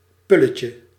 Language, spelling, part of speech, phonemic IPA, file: Dutch, pulletje, noun, /ˈpyləcə/, Nl-pulletje.ogg
- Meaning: diminutive of pul